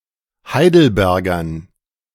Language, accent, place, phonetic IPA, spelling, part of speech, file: German, Germany, Berlin, [ˈhaɪ̯dl̩ˌbɛʁɡɐn], Heidelbergern, noun, De-Heidelbergern.ogg
- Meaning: dative plural of Heidelberger